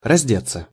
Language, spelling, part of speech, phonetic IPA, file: Russian, раздеться, verb, [rɐzʲˈdʲet͡sːə], Ru-раздеться.ogg
- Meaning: to undress (oneself), to get undressed